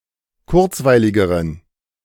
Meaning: inflection of kurzweilig: 1. strong genitive masculine/neuter singular comparative degree 2. weak/mixed genitive/dative all-gender singular comparative degree
- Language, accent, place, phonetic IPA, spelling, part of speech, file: German, Germany, Berlin, [ˈkʊʁt͡svaɪ̯lɪɡəʁən], kurzweiligeren, adjective, De-kurzweiligeren.ogg